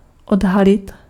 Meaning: 1. to reveal 2. to detect
- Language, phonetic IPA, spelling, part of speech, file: Czech, [ˈodɦalɪt], odhalit, verb, Cs-odhalit.ogg